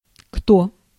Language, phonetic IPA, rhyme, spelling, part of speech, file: Russian, [kto], -o, кто, pronoun, Ru-кто.ogg
- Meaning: who